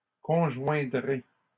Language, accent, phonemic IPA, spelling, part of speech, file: French, Canada, /kɔ̃.ʒwɛ̃.dʁe/, conjoindrai, verb, LL-Q150 (fra)-conjoindrai.wav
- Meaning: first-person singular simple future of conjoindre